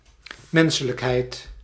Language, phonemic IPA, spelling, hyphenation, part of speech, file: Dutch, /ˈmɛn.sə.ləkˌɦɛi̯t/, menselijkheid, men‧se‧lijk‧heid, noun, Nl-menselijkheid.ogg
- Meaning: humanity, humaneness (quality of being humane)